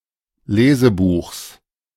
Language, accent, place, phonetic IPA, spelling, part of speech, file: German, Germany, Berlin, [ˈleːzəˌbuːxs], Lesebuchs, noun, De-Lesebuchs.ogg
- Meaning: genitive of Lesebuch